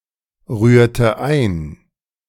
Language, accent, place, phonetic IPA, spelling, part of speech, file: German, Germany, Berlin, [ˌʁyːɐ̯tə ˈaɪ̯n], rührte ein, verb, De-rührte ein.ogg
- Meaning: inflection of einrühren: 1. first/third-person singular preterite 2. first/third-person singular subjunctive II